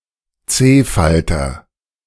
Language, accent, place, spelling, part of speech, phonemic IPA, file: German, Germany, Berlin, C-Falter, noun, /ˈtseːfaltɐ/, De-C-Falter.ogg
- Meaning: comma butterfly